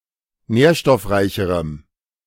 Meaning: strong dative masculine/neuter singular comparative degree of nährstoffreich
- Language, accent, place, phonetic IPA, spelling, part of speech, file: German, Germany, Berlin, [ˈnɛːɐ̯ʃtɔfˌʁaɪ̯çəʁəm], nährstoffreicherem, adjective, De-nährstoffreicherem.ogg